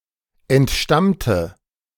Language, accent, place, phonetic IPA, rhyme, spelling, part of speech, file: German, Germany, Berlin, [ɛntˈʃtamtə], -amtə, entstammte, adjective / verb, De-entstammte.ogg
- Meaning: inflection of entstammen: 1. first/third-person singular preterite 2. first/third-person singular subjunctive II